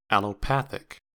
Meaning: Of or pertaining to allopathy
- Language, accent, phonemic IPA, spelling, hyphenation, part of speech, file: English, US, /ˌæl.oʊˈpæθ.ɪk/, allopathic, al‧lo‧pa‧thic, adjective, En-us-allopathic.ogg